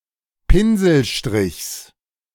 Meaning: genitive singular of Pinselstrich
- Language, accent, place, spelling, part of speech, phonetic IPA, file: German, Germany, Berlin, Pinselstrichs, noun, [ˈpɪnzl̩ˌʃtʁɪçs], De-Pinselstrichs.ogg